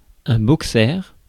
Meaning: 1. boxer (dog) 2. boxer shorts 3. boxer engine
- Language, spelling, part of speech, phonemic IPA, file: French, boxer, noun, /bɔk.sɛʁ/, Fr-boxer.ogg